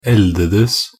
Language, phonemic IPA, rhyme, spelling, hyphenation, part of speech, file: Norwegian Bokmål, /ˈɛldədəs/, -əs, eldedes, el‧de‧des, verb, Nb-eldedes.ogg
- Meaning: past of eldes